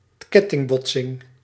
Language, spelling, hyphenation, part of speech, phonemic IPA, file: Dutch, kettingbotsing, ket‧ting‧bot‧sing, noun, /ˈkɛ.tɪŋˌbɔt.sɪŋ/, Nl-kettingbotsing.ogg
- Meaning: chain collision, concertina crash